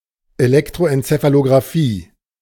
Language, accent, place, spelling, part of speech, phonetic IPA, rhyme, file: German, Germany, Berlin, Elektroenzephalografie, noun, [eˌlɛktʁoˌʔɛnt͡sefaloɡʁaˈfiː], -iː, De-Elektroenzephalografie.ogg
- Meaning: electroencephalography